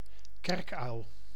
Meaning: 1. any owl of the genus Tyto 2. barn owl (Tyto alba)
- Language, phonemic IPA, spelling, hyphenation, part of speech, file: Dutch, /ˈkɛrk.œy̯l/, kerkuil, kerk‧uil, noun, Nl-kerkuil.ogg